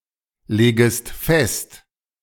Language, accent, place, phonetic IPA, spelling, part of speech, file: German, Germany, Berlin, [ˌleːɡəst ˈfɛst], legest fest, verb, De-legest fest.ogg
- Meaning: second-person singular subjunctive I of festlegen